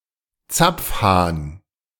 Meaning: tap (device to obtain liquids), spigot (plug of a faucet or cock)
- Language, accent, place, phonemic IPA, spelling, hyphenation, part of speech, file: German, Germany, Berlin, /ˈt͡sap͡fˌhaːn/, Zapfhahn, Zapf‧hahn, noun, De-Zapfhahn.ogg